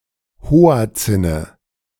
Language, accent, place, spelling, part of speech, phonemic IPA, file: German, Germany, Berlin, Hoatzine, noun, /ˈhoːa̯t͡sɪnə/, De-Hoatzine.ogg
- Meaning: nominative/accusative/genitive plural of Hoatzin